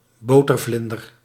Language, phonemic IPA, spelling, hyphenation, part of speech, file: Dutch, /ˈboː.tərˌvlɪn.dər/, botervlinder, bo‧ter‧vlin‧der, noun, Nl-botervlinder.ogg
- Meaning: a sweet bun or biscuit made of puff pastry, usually in a tightly knotted or volute-like form vaguely resembling a butterfly